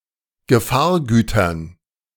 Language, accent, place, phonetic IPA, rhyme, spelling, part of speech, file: German, Germany, Berlin, [ɡəˈfaːɐ̯ˌɡyːtɐn], -aːɐ̯ɡyːtɐn, Gefahrgütern, noun, De-Gefahrgütern.ogg
- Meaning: dative plural of Gefahrgut